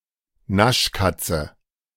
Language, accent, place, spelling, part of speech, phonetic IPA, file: German, Germany, Berlin, Naschkatze, noun, [ˈnaʃˌkat͡sə], De-Naschkatze.ogg
- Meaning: person/child with a sweet tooth